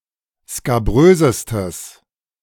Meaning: strong/mixed nominative/accusative neuter singular superlative degree of skabrös
- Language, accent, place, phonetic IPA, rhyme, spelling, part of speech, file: German, Germany, Berlin, [skaˈbʁøːzəstəs], -øːzəstəs, skabrösestes, adjective, De-skabrösestes.ogg